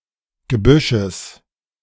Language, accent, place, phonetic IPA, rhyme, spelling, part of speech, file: German, Germany, Berlin, [ɡəˈbʏʃəs], -ʏʃəs, Gebüsches, noun, De-Gebüsches.ogg
- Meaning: genitive singular of Gebüsch